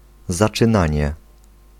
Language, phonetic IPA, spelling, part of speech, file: Polish, [ˌzat͡ʃɨ̃ˈnãɲɛ], zaczynanie, noun, Pl-zaczynanie.ogg